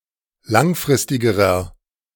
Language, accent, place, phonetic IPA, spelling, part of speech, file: German, Germany, Berlin, [ˈlaŋˌfʁɪstɪɡəʁɐ], langfristigerer, adjective, De-langfristigerer.ogg
- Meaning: inflection of langfristig: 1. strong/mixed nominative masculine singular comparative degree 2. strong genitive/dative feminine singular comparative degree 3. strong genitive plural comparative degree